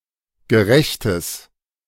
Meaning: strong/mixed nominative/accusative neuter singular of gerecht
- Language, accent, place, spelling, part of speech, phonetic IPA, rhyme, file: German, Germany, Berlin, gerechtes, adjective, [ɡəˈʁɛçtəs], -ɛçtəs, De-gerechtes.ogg